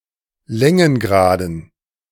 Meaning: dative plural of Längengrad
- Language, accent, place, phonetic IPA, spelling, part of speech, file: German, Germany, Berlin, [ˈlɛŋənˌɡʁaːdn̩], Längengraden, noun, De-Längengraden.ogg